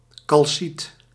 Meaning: calcite
- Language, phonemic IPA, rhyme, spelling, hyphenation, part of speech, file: Dutch, /kɑlˈsit/, -it, calciet, cal‧ciet, noun, Nl-calciet.ogg